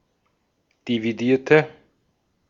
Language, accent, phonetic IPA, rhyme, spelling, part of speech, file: German, Austria, [diviˈdiːɐ̯tə], -iːɐ̯tə, dividierte, adjective / verb, De-at-dividierte.ogg
- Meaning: inflection of dividieren: 1. first/third-person singular preterite 2. first/third-person singular subjunctive II